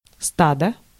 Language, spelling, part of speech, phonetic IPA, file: Russian, стадо, noun, [ˈstadə], Ru-стадо.ogg
- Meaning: herd, flock